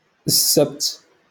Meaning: Saturday
- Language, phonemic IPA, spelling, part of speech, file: Moroccan Arabic, /ɪs.sabt/, السبت, noun, LL-Q56426 (ary)-السبت.wav